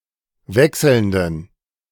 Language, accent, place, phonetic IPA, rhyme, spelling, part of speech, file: German, Germany, Berlin, [ˈvɛksl̩ndn̩], -ɛksl̩ndn̩, wechselnden, adjective, De-wechselnden.ogg
- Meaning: inflection of wechselnd: 1. strong genitive masculine/neuter singular 2. weak/mixed genitive/dative all-gender singular 3. strong/weak/mixed accusative masculine singular 4. strong dative plural